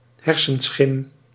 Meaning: phantom, delusion, chimera, figment of the imagination
- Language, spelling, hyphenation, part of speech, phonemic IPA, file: Dutch, hersenschim, her‧sen‧schim, noun, /ˈɦɛr.sənˌsxɪm/, Nl-hersenschim.ogg